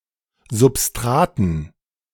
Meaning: dative plural of Substrat
- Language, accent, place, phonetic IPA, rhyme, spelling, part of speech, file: German, Germany, Berlin, [zʊpˈstʁaːtn̩], -aːtn̩, Substraten, noun, De-Substraten.ogg